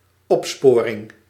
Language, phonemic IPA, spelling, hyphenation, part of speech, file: Dutch, /ˈɔpˌspoː.rɪŋ/, opsporing, op‧spo‧ring, noun, Nl-opsporing.ogg
- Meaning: 1. detection, identification, tracing 2. espial